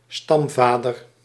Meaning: a male ancestor of a family, a family's founding father, a patriarch
- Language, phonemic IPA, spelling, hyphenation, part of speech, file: Dutch, /ˈstɑmˌvaː.dər/, stamvader, stam‧va‧der, noun, Nl-stamvader.ogg